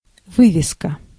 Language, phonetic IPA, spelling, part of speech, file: Russian, [ˈvɨvʲɪskə], вывеска, noun, Ru-вывеска.ogg
- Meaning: signboard, sign